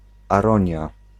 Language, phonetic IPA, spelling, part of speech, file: Polish, [aˈrɔ̃ɲja], aronia, noun, Pl-aronia.ogg